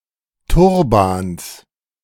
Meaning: genitive of Turban
- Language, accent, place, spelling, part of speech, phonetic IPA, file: German, Germany, Berlin, Turbans, noun, [ˈtʊʁbaːns], De-Turbans.ogg